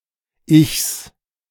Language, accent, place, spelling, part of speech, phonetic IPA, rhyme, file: German, Germany, Berlin, Ichs, noun, [ɪçs], -ɪçs, De-Ichs.ogg
- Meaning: plural of Ich